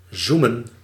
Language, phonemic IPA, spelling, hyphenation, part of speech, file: Dutch, /ˈzu.mə(n)/, zoemen, zoe‧men, verb, Nl-zoemen.ogg
- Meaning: to buzz